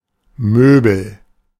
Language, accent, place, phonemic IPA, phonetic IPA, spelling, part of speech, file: German, Germany, Berlin, /ˈmøːbəl/, [ˈmøː.bl̩], Möbel, noun, De-Möbel.ogg
- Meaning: 1. piece of furniture 2. furniture